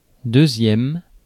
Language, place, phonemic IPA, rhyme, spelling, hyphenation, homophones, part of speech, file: French, Paris, /dø.zjɛm/, -ɛm, deuxième, deu‧xième, deuxièmes, adjective, Fr-deuxième.ogg
- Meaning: second